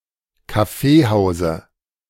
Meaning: dative singular of Kaffeehaus
- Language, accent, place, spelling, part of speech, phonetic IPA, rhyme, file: German, Germany, Berlin, Kaffeehause, noun, [kaˈfeːˌhaʊ̯zə], -eːhaʊ̯zə, De-Kaffeehause.ogg